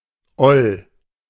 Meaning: 1. old, shabby (of things) 2. old (used as a mild expletive, mostly before names)
- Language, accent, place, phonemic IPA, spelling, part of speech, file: German, Germany, Berlin, /ɔl/, oll, adjective, De-oll.ogg